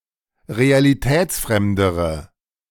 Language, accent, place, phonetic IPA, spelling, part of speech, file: German, Germany, Berlin, [ʁealiˈtɛːt͡sˌfʁɛmdəʁə], realitätsfremdere, adjective, De-realitätsfremdere.ogg
- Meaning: inflection of realitätsfremd: 1. strong/mixed nominative/accusative feminine singular comparative degree 2. strong nominative/accusative plural comparative degree